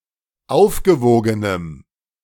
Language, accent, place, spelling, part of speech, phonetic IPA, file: German, Germany, Berlin, aufgewogenem, adjective, [ˈaʊ̯fɡəˌvoːɡənəm], De-aufgewogenem.ogg
- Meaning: strong dative masculine/neuter singular of aufgewogen